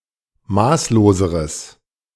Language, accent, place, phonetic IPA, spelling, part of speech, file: German, Germany, Berlin, [ˈmaːsloːzəʁəs], maßloseres, adjective, De-maßloseres.ogg
- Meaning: strong/mixed nominative/accusative neuter singular comparative degree of maßlos